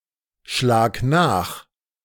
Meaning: singular imperative of nachschlagen
- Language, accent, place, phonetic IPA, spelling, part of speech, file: German, Germany, Berlin, [ˌʃlaːk ˈnaːx], schlag nach, verb, De-schlag nach.ogg